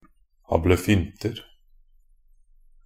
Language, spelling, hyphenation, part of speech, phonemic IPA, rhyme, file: Norwegian Bokmål, ablefynter, ab‧le‧fyn‧ter, noun, /abləˈfʏntər/, -ər, Nb-ablefynter.ogg
- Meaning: indefinite plural of ablefynte